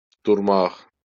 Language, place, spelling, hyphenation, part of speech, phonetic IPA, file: Azerbaijani, Baku, durmaq, dur‧maq, verb, [durˈmɑχ], LL-Q9292 (aze)-durmaq.wav
- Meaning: 1. to stand 2. to stand up, get up 3. to stop, halt 4. to wait 5. to be still 6. to be alive, to be around 7. to become erect